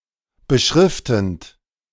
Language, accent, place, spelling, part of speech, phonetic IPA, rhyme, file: German, Germany, Berlin, beschriftend, verb, [bəˈʃʁɪftn̩t], -ɪftn̩t, De-beschriftend.ogg
- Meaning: present participle of beschriften